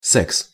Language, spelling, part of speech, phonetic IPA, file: Russian, секс, noun, [sɛks], Ru-секс.ogg
- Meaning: sex (sexual intercourse)